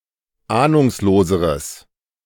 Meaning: strong/mixed nominative/accusative neuter singular comparative degree of ahnungslos
- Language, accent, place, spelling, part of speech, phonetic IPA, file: German, Germany, Berlin, ahnungsloseres, adjective, [ˈaːnʊŋsloːzəʁəs], De-ahnungsloseres.ogg